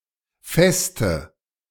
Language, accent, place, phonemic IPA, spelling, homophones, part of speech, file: German, Germany, Berlin, /ˈfɛstə/, Veste, feste, noun, De-Veste.ogg
- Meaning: alternative spelling of Feste (“fortress, stronghold, fortified castle”)